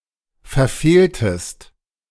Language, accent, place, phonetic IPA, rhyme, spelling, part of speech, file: German, Germany, Berlin, [fɛɐ̯ˈfeːltəst], -eːltəst, verfehltest, verb, De-verfehltest.ogg
- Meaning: inflection of verfehlen: 1. second-person singular preterite 2. second-person singular subjunctive II